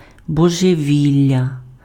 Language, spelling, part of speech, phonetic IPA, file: Ukrainian, божевілля, noun, [bɔʒeˈʋʲilʲːɐ], Uk-божевілля.ogg
- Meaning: madness, insanity, lunacy, craziness, derangement